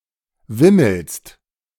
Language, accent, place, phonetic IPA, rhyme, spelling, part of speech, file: German, Germany, Berlin, [ˈvɪml̩st], -ɪml̩st, wimmelst, verb, De-wimmelst.ogg
- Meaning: second-person singular present of wimmeln